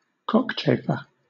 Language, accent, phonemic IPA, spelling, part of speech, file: English, Southern England, /ˈkɒkˌt͡ʃeɪfɚ/, cockchafer, noun, LL-Q1860 (eng)-cockchafer.wav
- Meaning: 1. Any of the large European beetles from the genus Melolontha that are destructive to vegetation 2. Any of various other similar beetles, such as of the genera Acrossidius, Cyphochilus, Rhopaea, etc